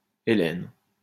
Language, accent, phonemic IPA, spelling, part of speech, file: French, France, /e.lɛn/, Hélène, proper noun, LL-Q150 (fra)-Hélène.wav
- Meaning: a female given name, equivalent to English Helen